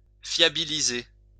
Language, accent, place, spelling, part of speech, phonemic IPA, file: French, France, Lyon, fiabiliser, verb, /fja.bi.li.ze/, LL-Q150 (fra)-fiabiliser.wav
- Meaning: to make more reliable